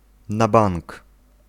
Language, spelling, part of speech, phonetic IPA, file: Polish, na bank, adverbial phrase, [na‿ˈbãŋk], Pl-na bank.ogg